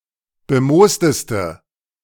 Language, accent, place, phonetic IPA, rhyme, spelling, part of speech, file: German, Germany, Berlin, [bəˈmoːstəstə], -oːstəstə, bemoosteste, adjective, De-bemoosteste.ogg
- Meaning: inflection of bemoost: 1. strong/mixed nominative/accusative feminine singular superlative degree 2. strong nominative/accusative plural superlative degree